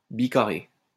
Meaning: biquadratic
- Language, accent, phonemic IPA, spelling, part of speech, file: French, France, /bi.ka.ʁe/, bicarré, adjective, LL-Q150 (fra)-bicarré.wav